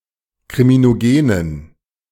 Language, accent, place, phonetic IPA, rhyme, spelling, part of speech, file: German, Germany, Berlin, [kʁiminoˈɡeːnən], -eːnən, kriminogenen, adjective, De-kriminogenen.ogg
- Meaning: inflection of kriminogen: 1. strong genitive masculine/neuter singular 2. weak/mixed genitive/dative all-gender singular 3. strong/weak/mixed accusative masculine singular 4. strong dative plural